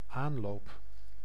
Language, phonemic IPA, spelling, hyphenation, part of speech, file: Dutch, /ˈaːn.loːp/, aanloop, aan‧loop, noun, Nl-aanloop.ogg
- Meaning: 1. run-up (approach run) 2. run-up (period of time before an event) 3. an element, usually an interjection or subordinate clause, preceding the main clause